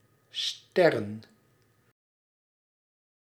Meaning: plural of ster
- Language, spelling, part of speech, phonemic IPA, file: Dutch, sterren, noun, /ˈstɛrə(n)/, Nl-sterren.ogg